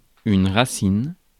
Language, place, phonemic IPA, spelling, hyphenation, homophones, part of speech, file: French, Paris, /ʁa.sin/, racine, ra‧cine, racinent / racines, noun / verb, Fr-racine.ogg
- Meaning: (noun) 1. root (of a plant) 2. root, origin 3. root; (verb) inflection of raciner: 1. first/third-person singular present indicative/subjunctive 2. second-person singular imperative